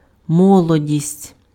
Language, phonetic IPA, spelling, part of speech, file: Ukrainian, [ˈmɔɫɔdʲisʲtʲ], молодість, noun, Uk-молодість.ogg
- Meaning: 1. youth 2. adolescence